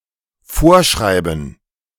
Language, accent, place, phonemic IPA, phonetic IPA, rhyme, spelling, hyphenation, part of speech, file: German, Germany, Berlin, /ˈfoːʁˌʃʁaɪ̯bən/, [ˈfoːɐ̯ˌʃʁaɪ̯bm̩], -aɪ̯bən, vorschreiben, vor‧schrei‧ben, verb, De-vorschreiben.ogg
- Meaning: to prescribe, to dictate, to command